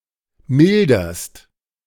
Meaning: second-person singular present of mildern
- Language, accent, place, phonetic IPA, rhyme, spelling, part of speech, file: German, Germany, Berlin, [ˈmɪldɐst], -ɪldɐst, milderst, verb, De-milderst.ogg